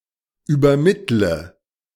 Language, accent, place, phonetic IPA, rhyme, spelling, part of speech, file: German, Germany, Berlin, [yːbɐˈmɪtlə], -ɪtlə, übermittle, verb, De-übermittle.ogg
- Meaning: inflection of übermitteln: 1. first-person singular present 2. first/third-person singular subjunctive I 3. singular imperative